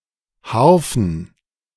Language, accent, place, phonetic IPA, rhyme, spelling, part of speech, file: German, Germany, Berlin, [ˈhaʁfn̩], -aʁfn̩, Harfen, noun, De-Harfen.ogg
- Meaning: plural of Harfe